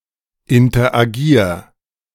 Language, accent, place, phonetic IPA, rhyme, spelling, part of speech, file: German, Germany, Berlin, [ɪntɐʔaˈɡiːɐ̯], -iːɐ̯, interagier, verb, De-interagier.ogg
- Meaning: 1. singular imperative of interagieren 2. first-person singular present of interagieren